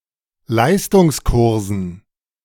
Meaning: dative plural of Leistungskurs
- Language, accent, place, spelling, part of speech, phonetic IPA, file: German, Germany, Berlin, Leistungskursen, noun, [ˈlaɪ̯stʊŋsˌkʊʁzn̩], De-Leistungskursen.ogg